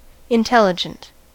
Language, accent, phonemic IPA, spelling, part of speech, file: English, US, /ɪnˈtɛlɪd͡ʒənt/, intelligent, adjective, En-us-intelligent.ogg
- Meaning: 1. Of high or especially quick cognitive capacity, bright 2. Well thought-out, well considered 3. Characterized by thoughtful interaction 4. Having at least a similar level of brain power to humankind